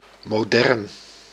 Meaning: 1. modern 2. modernist
- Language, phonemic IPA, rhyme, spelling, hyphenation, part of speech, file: Dutch, /moːˈdɛrn/, -ɛrn, modern, mo‧dern, adjective, Nl-modern.ogg